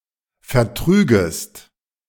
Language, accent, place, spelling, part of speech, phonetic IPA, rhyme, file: German, Germany, Berlin, vertrügest, verb, [fɛɐ̯ˈtʁyːɡəst], -yːɡəst, De-vertrügest.ogg
- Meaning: second-person singular subjunctive II of vertragen